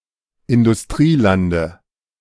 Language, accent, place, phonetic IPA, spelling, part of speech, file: German, Germany, Berlin, [ɪndʊsˈtʁiːˌlandə], Industrielande, noun, De-Industrielande.ogg
- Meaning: dative singular of Industrieland